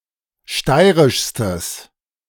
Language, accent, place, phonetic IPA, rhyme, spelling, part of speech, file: German, Germany, Berlin, [ˈʃtaɪ̯ʁɪʃstəs], -aɪ̯ʁɪʃstəs, steirischstes, adjective, De-steirischstes.ogg
- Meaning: strong/mixed nominative/accusative neuter singular superlative degree of steirisch